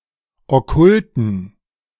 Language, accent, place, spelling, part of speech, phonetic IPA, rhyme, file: German, Germany, Berlin, okkulten, adjective, [ɔˈkʊltn̩], -ʊltn̩, De-okkulten.ogg
- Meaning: inflection of okkult: 1. strong genitive masculine/neuter singular 2. weak/mixed genitive/dative all-gender singular 3. strong/weak/mixed accusative masculine singular 4. strong dative plural